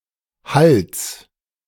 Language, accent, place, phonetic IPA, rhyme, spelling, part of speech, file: German, Germany, Berlin, [halt͡s], -alt͡s, Halts, noun, De-Halts.ogg
- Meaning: genitive singular of Halt